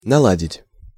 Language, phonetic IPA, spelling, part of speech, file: Russian, [nɐˈɫadʲɪtʲ], наладить, verb, Ru-наладить.ogg
- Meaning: 1. to adjust, to repair, to set right 2. to organize, to arrange, to establish 3. to normalize, to smooth (relations) 4. to tune, to adjust to a certain harmony (of a musical instrument, song, etc.)